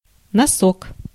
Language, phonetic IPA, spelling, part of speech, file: Russian, [nɐˈsok], носок, noun, Ru-носок.ogg
- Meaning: 1. sock 2. toe (of a boot, shoe or sock) 3. toe (of a foot or hoof; especially the tip of the toe) 4. projection, nose (e.g. of a plane) 5. diminutive of нос (nos, “nose”)